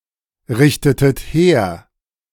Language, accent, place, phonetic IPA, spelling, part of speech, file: German, Germany, Berlin, [ˌʁɪçtətət ˈheːɐ̯], richtetet her, verb, De-richtetet her.ogg
- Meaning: inflection of herrichten: 1. second-person plural preterite 2. second-person plural subjunctive II